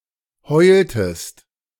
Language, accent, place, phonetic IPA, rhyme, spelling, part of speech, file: German, Germany, Berlin, [ˈhɔɪ̯ltəst], -ɔɪ̯ltəst, heultest, verb, De-heultest.ogg
- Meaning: inflection of heulen: 1. second-person singular preterite 2. second-person singular subjunctive II